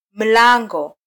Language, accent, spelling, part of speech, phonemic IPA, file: Swahili, Kenya, mlango, noun, /m̩ˈlɑ.ᵑɡɔ/, Sw-ke-mlango.flac
- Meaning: 1. door 2. branch (line of family descent)